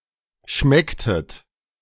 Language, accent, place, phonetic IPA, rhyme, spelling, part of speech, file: German, Germany, Berlin, [ˈʃmɛktət], -ɛktət, schmecktet, verb, De-schmecktet.ogg
- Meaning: inflection of schmecken: 1. second-person plural preterite 2. second-person plural subjunctive II